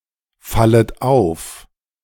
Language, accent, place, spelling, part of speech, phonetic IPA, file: German, Germany, Berlin, fallet auf, verb, [ˌfalət ˈaʊ̯f], De-fallet auf.ogg
- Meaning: second-person plural subjunctive I of auffallen